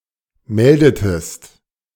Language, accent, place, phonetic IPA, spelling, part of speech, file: German, Germany, Berlin, [ˈmɛldətəst], meldetest, verb, De-meldetest.ogg
- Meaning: inflection of melden: 1. second-person singular preterite 2. second-person singular subjunctive II